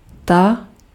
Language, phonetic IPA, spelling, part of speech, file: Czech, [ˈta], ta, pronoun, Cs-ta.ogg
- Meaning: inflection of ten: 1. nominative feminine singular 2. nominative/accusative neuter plural